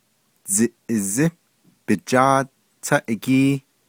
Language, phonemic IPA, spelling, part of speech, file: Navajo, /t͡sɪ̀ʔɪ̀zɪ́ pɪ̀t͡ʃɑ́ːt tʰɑ́ʔɪ́kíː/, dziʼizí bijáád táʼígíí, noun, Nv-dziʼizí bijáád táʼígíí.ogg
- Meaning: tricycle